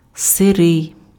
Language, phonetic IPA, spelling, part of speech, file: Ukrainian, [seˈrɪi̯], сирий, adjective, Uk-сирий.ogg
- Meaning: 1. raw (not cooked) 2. damp, raw, moist